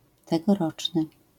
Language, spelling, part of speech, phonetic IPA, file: Polish, tegoroczny, adjective, [ˌtɛɡɔˈrɔt͡ʃnɨ], LL-Q809 (pol)-tegoroczny.wav